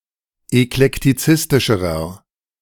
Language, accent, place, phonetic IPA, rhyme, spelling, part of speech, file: German, Germany, Berlin, [ɛklɛktiˈt͡sɪstɪʃəʁɐ], -ɪstɪʃəʁɐ, eklektizistischerer, adjective, De-eklektizistischerer.ogg
- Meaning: inflection of eklektizistisch: 1. strong/mixed nominative masculine singular comparative degree 2. strong genitive/dative feminine singular comparative degree